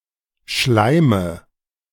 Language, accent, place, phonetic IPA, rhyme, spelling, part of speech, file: German, Germany, Berlin, [ˈʃlaɪ̯mə], -aɪ̯mə, Schleime, noun, De-Schleime.ogg
- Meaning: nominative/accusative/genitive plural of Schleim